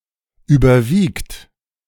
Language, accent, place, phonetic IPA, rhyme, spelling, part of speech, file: German, Germany, Berlin, [yːbɐˈviːkt], -iːkt, überwiegt, verb, De-überwiegt.ogg
- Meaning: inflection of überwiegen: 1. third-person singular present 2. second-person plural present